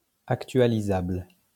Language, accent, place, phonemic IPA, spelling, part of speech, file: French, France, Lyon, /ak.tɥa.li.zabl/, actualisable, adjective, LL-Q150 (fra)-actualisable.wav
- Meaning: updatable